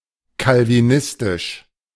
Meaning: Calvinist
- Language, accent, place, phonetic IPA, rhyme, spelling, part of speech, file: German, Germany, Berlin, [kalviˈnɪstɪʃ], -ɪstɪʃ, calvinistisch, adjective, De-calvinistisch.ogg